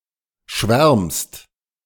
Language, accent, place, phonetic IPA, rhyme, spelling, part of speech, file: German, Germany, Berlin, [ʃvɛʁmst], -ɛʁmst, schwärmst, verb, De-schwärmst.ogg
- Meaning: second-person singular present of schwärmen